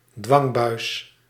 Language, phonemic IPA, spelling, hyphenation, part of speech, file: Dutch, /ˈdʋɑŋ.bœy̯s/, dwangbuis, dwang‧buis, noun, Nl-dwangbuis.ogg
- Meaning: 1. straitjacket 2. tight, cumbersome constraints